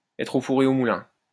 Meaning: to be all over the place; be in two places at once
- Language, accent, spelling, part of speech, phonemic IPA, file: French, France, être au four et au moulin, verb, /ɛ.tʁ‿o fu.ʁ‿e o mu.lɛ̃/, LL-Q150 (fra)-être au four et au moulin.wav